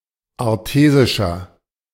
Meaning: inflection of artesisch: 1. strong/mixed nominative masculine singular 2. strong genitive/dative feminine singular 3. strong genitive plural
- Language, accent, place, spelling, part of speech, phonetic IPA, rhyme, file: German, Germany, Berlin, artesischer, adjective, [aʁˈteːzɪʃɐ], -eːzɪʃɐ, De-artesischer.ogg